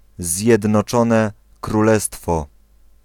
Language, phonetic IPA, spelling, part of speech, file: Polish, [ˌzʲjɛdnɔˈt͡ʃɔ̃nɛ kruˈlɛstfɔ], Zjednoczone Królestwo, proper noun, Pl-Zjednoczone Królestwo.ogg